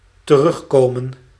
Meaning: 1. to come back, to return 2. to be echoed in 3. to go back on; to renege on 4. to revisit (a topic); to pay renewed attention to
- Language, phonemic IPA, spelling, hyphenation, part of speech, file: Dutch, /təˈrʏxˌkoːmə(n)/, terugkomen, te‧rug‧ko‧men, verb, Nl-terugkomen.ogg